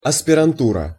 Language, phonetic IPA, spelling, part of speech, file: Russian, [ɐspʲɪrɐnˈturə], аспирантура, noun, Ru-аспирантура.ogg
- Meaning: 1. graduate school (a school that awards advanced degrees) 2. graduate study